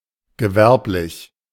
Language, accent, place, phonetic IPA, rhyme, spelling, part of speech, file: German, Germany, Berlin, [ɡəˈvɛʁplɪç], -ɛʁplɪç, gewerblich, adjective, De-gewerblich.ogg
- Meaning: commercial, industrial